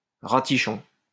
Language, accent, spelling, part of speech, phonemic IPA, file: French, France, ratichon, noun, /ʁa.ti.ʃɔ̃/, LL-Q150 (fra)-ratichon.wav
- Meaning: synonym of prêtre (“priest”)